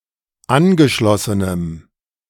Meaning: strong dative masculine/neuter singular of angeschlossen
- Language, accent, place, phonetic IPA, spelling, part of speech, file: German, Germany, Berlin, [ˈanɡəˌʃlɔsənəm], angeschlossenem, adjective, De-angeschlossenem.ogg